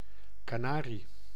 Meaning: 1. A canary, a bird of the genus Serinus 2. Atlantic canary, common canary (Serinus canaria)
- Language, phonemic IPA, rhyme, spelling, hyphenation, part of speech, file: Dutch, /ˌkaːˈnaː.ri/, -aːri, kanarie, ka‧na‧rie, noun, Nl-kanarie.ogg